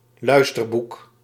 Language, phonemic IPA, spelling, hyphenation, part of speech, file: Dutch, /ˈlœy̯s.tərˌbuk/, luisterboek, luis‧ter‧boek, noun, Nl-luisterboek.ogg
- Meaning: audiobook